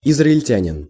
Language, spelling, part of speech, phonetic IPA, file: Russian, израильтянин, noun, [ɪzrəɪlʲˈtʲænʲɪn], Ru-израильтянин.ogg
- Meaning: 1. Israeli 2. Israelite